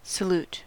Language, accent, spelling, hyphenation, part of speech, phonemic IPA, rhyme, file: English, General American, salute, sa‧lute, noun / verb, /səˈlut/, -uːt, En-us-salute.ogg
- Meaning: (noun) An utterance or gesture expressing greeting or honor towards someone, (now especially) a formal, non-verbal gesture made with the arms or hands in any of various specific positions